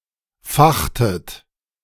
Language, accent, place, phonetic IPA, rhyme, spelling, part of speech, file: German, Germany, Berlin, [ˈfaxtət], -axtət, fachtet, verb, De-fachtet.ogg
- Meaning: inflection of fachen: 1. second-person plural preterite 2. second-person plural subjunctive II